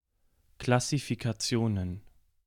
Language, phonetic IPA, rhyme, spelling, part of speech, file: German, [klasifikaˈt͡si̯oːnən], -oːnən, Klassifikationen, noun, De-Klassifikationen.ogg
- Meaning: plural of Klassifikation